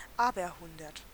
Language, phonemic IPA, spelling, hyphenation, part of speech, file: German, /ˈaːbɐˌhʊndɐt/, aberhundert, aber‧hun‧dert, adjective, De-aberhundert.ogg
- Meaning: hundredfold